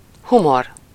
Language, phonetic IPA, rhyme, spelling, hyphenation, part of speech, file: Hungarian, [ˈhumor], -or, humor, hu‧mor, noun, Hu-humor.ogg
- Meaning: humour, humor (the quality of being amusing, comical, or funny)